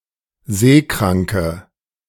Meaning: inflection of seekrank: 1. strong/mixed nominative/accusative feminine singular 2. strong nominative/accusative plural 3. weak nominative all-gender singular
- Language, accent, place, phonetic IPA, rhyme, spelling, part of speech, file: German, Germany, Berlin, [ˈzeːˌkʁaŋkə], -eːkʁaŋkə, seekranke, adjective, De-seekranke.ogg